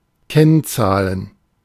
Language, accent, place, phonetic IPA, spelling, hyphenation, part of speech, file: German, Germany, Berlin, [ˈkɛnˌt͡saːl], Kennzahl, Kenn‧zahl, noun, De-Kennzahl.ogg
- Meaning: 1. ratio 2. index, coefficient 3. key figure (chiefly plural)